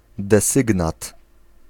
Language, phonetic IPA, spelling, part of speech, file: Polish, [dɛˈsɨɡnat], desygnat, noun, Pl-desygnat.ogg